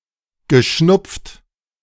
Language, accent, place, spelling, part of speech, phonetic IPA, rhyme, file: German, Germany, Berlin, geschnupft, verb, [ɡəˈʃnʊp͡ft], -ʊp͡ft, De-geschnupft.ogg
- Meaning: past participle of schnupfen